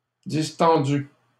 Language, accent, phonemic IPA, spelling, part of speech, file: French, Canada, /dis.tɑ̃.dy/, distendu, verb / adjective, LL-Q150 (fra)-distendu.wav
- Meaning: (verb) past participle of distendre; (adjective) distended